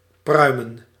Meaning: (verb) 1. to chew tobacco 2. to (like to) eat, to have taste for; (noun) plural of pruim
- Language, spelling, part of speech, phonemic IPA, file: Dutch, pruimen, verb / noun, /ˈprœy̯.mə(n)/, Nl-pruimen.ogg